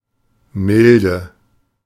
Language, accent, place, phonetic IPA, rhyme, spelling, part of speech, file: German, Germany, Berlin, [ˈmɪldə], -ɪldə, milde, adjective, De-milde.ogg
- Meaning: 1. alternative form of mild (Still common in the sense of merciful, otherwise obsolete.) 2. inflection of mild: strong/mixed nominative/accusative feminine singular